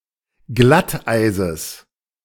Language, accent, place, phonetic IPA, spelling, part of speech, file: German, Germany, Berlin, [ˈɡlatˌʔaɪ̯zəs], Glatteises, noun, De-Glatteises.ogg
- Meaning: genitive singular of Glatteis